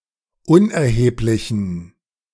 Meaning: inflection of unerheblich: 1. strong genitive masculine/neuter singular 2. weak/mixed genitive/dative all-gender singular 3. strong/weak/mixed accusative masculine singular 4. strong dative plural
- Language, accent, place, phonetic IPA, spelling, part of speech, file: German, Germany, Berlin, [ˈʊnʔɛɐ̯heːplɪçn̩], unerheblichen, adjective, De-unerheblichen.ogg